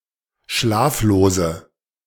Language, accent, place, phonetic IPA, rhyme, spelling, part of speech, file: German, Germany, Berlin, [ˈʃlaːfloːzə], -aːfloːzə, schlaflose, adjective, De-schlaflose.ogg
- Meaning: inflection of schlaflos: 1. strong/mixed nominative/accusative feminine singular 2. strong nominative/accusative plural 3. weak nominative all-gender singular